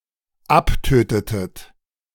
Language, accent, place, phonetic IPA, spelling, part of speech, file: German, Germany, Berlin, [ˈapˌtøːtətət], abtötetet, verb, De-abtötetet.ogg
- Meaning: inflection of abtöten: 1. second-person plural dependent preterite 2. second-person plural dependent subjunctive II